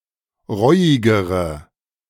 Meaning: inflection of reuig: 1. strong/mixed nominative/accusative feminine singular comparative degree 2. strong nominative/accusative plural comparative degree
- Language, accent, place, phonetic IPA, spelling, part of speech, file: German, Germany, Berlin, [ˈʁɔɪ̯ɪɡəʁə], reuigere, adjective, De-reuigere.ogg